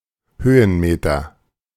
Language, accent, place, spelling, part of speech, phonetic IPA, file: German, Germany, Berlin, Höhenmeter, noun, [ˈhøːənˌmeːtɐ], De-Höhenmeter.ogg
- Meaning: 1. vertical meter 2. elevation gain